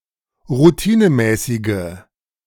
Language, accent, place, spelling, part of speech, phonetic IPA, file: German, Germany, Berlin, routinemäßige, adjective, [ʁuˈtiːnəˌmɛːsɪɡə], De-routinemäßige.ogg
- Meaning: inflection of routinemäßig: 1. strong/mixed nominative/accusative feminine singular 2. strong nominative/accusative plural 3. weak nominative all-gender singular